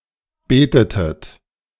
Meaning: inflection of beten: 1. second-person plural preterite 2. second-person plural subjunctive II
- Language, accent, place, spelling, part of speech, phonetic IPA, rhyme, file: German, Germany, Berlin, betetet, verb, [ˈbeːtətət], -eːtətət, De-betetet.ogg